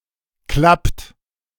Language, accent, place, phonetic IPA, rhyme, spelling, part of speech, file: German, Germany, Berlin, [klapt], -apt, klappt, verb, De-klappt.ogg
- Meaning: inflection of klappen: 1. third-person singular present 2. second-person plural present 3. plural imperative